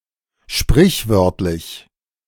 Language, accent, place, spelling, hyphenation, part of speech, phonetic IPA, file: German, Germany, Berlin, sprichwörtlich, sprich‧wört‧lich, adjective, [ˈʃpʁɪçˌvœʁtlɪç], De-sprichwörtlich.ogg
- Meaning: proverbial